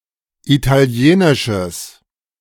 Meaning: strong/mixed nominative/accusative neuter singular of italienisch
- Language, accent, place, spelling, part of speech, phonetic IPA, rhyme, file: German, Germany, Berlin, italienisches, adjective, [ˌitaˈli̯eːnɪʃəs], -eːnɪʃəs, De-italienisches.ogg